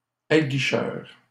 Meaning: alluring, enticing
- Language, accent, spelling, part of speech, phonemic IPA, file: French, Canada, aguicheur, adjective, /a.ɡi.ʃœʁ/, LL-Q150 (fra)-aguicheur.wav